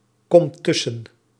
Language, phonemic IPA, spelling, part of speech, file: Dutch, /ˈkɔmt ˈtʏsə(n)/, komt tussen, verb, Nl-komt tussen.ogg
- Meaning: inflection of tussenkomen: 1. second/third-person singular present indicative 2. plural imperative